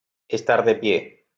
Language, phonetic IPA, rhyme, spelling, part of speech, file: Spanish, [esˈt̪aɾ ð̞e ˈpje], -e, estar de pie, phrase, LL-Q1321 (spa)-estar de pie.wav